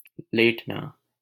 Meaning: 1. to lie down, recline 2. to yield
- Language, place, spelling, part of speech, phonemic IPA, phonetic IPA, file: Hindi, Delhi, लेटना, verb, /leːʈ.nɑː/, [leːʈ.näː], LL-Q1568 (hin)-लेटना.wav